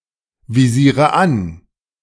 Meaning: inflection of anvisieren: 1. first-person singular present 2. first/third-person singular subjunctive I 3. singular imperative
- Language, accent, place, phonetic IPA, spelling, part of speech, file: German, Germany, Berlin, [viˌziːʁə ˈan], visiere an, verb, De-visiere an.ogg